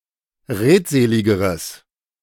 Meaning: strong/mixed nominative/accusative neuter singular comparative degree of redselig
- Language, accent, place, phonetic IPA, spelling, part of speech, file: German, Germany, Berlin, [ˈʁeːtˌzeːlɪɡəʁəs], redseligeres, adjective, De-redseligeres.ogg